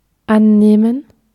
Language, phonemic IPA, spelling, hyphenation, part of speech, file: German, /ˈa(n)ˌneːmən/, annehmen, an‧neh‧men, verb, De-annehmen.ogg
- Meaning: 1. to assume, to suppose (as given) 2. to take on, to assume (a role, form, etc.) 3. to take care of, to take on 4. to reach, to attain (some degree)